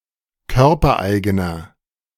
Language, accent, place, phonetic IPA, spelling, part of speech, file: German, Germany, Berlin, [ˈkœʁpɐˌʔaɪ̯ɡənɐ], körpereigener, adjective, De-körpereigener.ogg
- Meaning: inflection of körpereigen: 1. strong/mixed nominative masculine singular 2. strong genitive/dative feminine singular 3. strong genitive plural